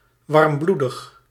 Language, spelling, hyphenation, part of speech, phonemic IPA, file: Dutch, warmbloedig, warm‧bloe‧dig, adjective, /ˌʋɑr(ə)mˈblu.dəx/, Nl-warmbloedig.ogg
- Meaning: 1. warm-blooded, endothermic 2. hot-blooded, rash